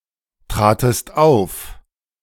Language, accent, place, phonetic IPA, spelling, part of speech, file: German, Germany, Berlin, [ˌtʁaːtəst ˈaʊ̯f], tratest auf, verb, De-tratest auf.ogg
- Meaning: second-person singular preterite of auftreten